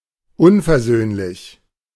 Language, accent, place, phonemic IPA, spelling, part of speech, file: German, Germany, Berlin, /ˈʊnfɛɐ̯ˌzøːnlɪç/, unversöhnlich, adjective, De-unversöhnlich.ogg
- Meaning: unforgiving, irreconcilable